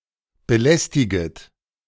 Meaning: second-person plural subjunctive I of belästigen
- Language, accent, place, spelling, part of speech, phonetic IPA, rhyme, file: German, Germany, Berlin, belästiget, verb, [bəˈlɛstɪɡət], -ɛstɪɡət, De-belästiget.ogg